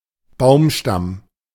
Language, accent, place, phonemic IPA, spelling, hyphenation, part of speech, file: German, Germany, Berlin, /ˈbaʊ̯mˌʃtam/, Baumstamm, Baum‧stamm, noun, De-Baumstamm.ogg
- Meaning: tree trunk, log (the main structural member of a tree)